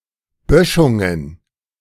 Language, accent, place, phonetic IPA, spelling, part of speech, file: German, Germany, Berlin, [ˈbœʃʊŋən], Böschungen, noun, De-Böschungen.ogg
- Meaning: plural of Böschung